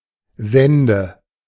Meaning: nominative/accusative/genitive plural of Sand
- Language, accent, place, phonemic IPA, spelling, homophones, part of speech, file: German, Germany, Berlin, /ˈzɛndə/, Sände, sende, noun, De-Sände.ogg